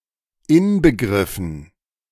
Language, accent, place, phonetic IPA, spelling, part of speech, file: German, Germany, Berlin, [ˈɪnbəˌɡʁɪfn̩], Inbegriffen, noun, De-Inbegriffen.ogg
- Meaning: dative plural of Inbegriff